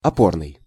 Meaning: 1. support 2. foothold 3. supporting, bearing 4. model (serving as an example for others)
- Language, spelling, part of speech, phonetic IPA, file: Russian, опорный, adjective, [ɐˈpornɨj], Ru-опорный.ogg